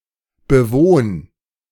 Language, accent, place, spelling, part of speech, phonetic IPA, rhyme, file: German, Germany, Berlin, bewohn, verb, [bəˈvoːn], -oːn, De-bewohn.ogg
- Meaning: 1. singular imperative of bewohnen 2. first-person singular present of bewohnen